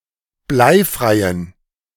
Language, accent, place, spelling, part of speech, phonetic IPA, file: German, Germany, Berlin, bleifreien, adjective, [ˈblaɪ̯ˌfʁaɪ̯ən], De-bleifreien.ogg
- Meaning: inflection of bleifrei: 1. strong genitive masculine/neuter singular 2. weak/mixed genitive/dative all-gender singular 3. strong/weak/mixed accusative masculine singular 4. strong dative plural